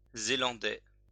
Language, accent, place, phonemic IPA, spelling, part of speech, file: French, France, Lyon, /ze.lɑ̃.dɛ/, zélandais, adjective, LL-Q150 (fra)-zélandais.wav
- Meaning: of Zealand